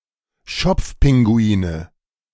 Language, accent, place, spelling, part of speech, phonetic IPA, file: German, Germany, Berlin, Schopfpinguine, noun, [ˈʃɔp͡fˌpɪŋɡuiːnə], De-Schopfpinguine.ogg
- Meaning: nominative/accusative/genitive plural of Schopfpinguin